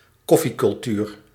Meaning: coffee culture, coffee cultivation
- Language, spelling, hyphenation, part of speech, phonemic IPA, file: Dutch, koffiecultuur, kof‧fie‧cul‧tuur, noun, /ˈkɔ.fi.kʏlˌtyːr/, Nl-koffiecultuur.ogg